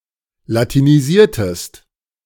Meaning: inflection of latinisieren: 1. second-person singular preterite 2. second-person singular subjunctive II
- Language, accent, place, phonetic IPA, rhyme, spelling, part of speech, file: German, Germany, Berlin, [latiniˈziːɐ̯təst], -iːɐ̯təst, latinisiertest, verb, De-latinisiertest.ogg